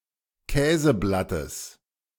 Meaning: genitive of Käseblatt
- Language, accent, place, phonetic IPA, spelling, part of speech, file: German, Germany, Berlin, [ˈkɛːzəˌblatəs], Käseblattes, noun, De-Käseblattes.ogg